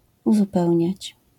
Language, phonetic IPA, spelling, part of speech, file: Polish, [ˌuzuˈpɛwʲɲät͡ɕ], uzupełniać, verb, LL-Q809 (pol)-uzupełniać.wav